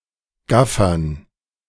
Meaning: dative plural of Gaffer
- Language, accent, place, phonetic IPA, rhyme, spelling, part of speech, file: German, Germany, Berlin, [ˈɡafɐn], -afɐn, Gaffern, noun, De-Gaffern.ogg